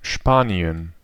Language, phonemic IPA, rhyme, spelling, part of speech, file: German, /ˈʃpaːni̯ən/, -aːni̯ən, Spanien, proper noun, De-Spanien.ogg
- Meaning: Spain (a country in Southern Europe, including most of the Iberian peninsula)